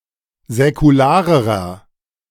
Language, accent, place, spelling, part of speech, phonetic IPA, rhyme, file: German, Germany, Berlin, säkularerer, adjective, [zɛkuˈlaːʁəʁɐ], -aːʁəʁɐ, De-säkularerer.ogg
- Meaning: inflection of säkular: 1. strong/mixed nominative masculine singular comparative degree 2. strong genitive/dative feminine singular comparative degree 3. strong genitive plural comparative degree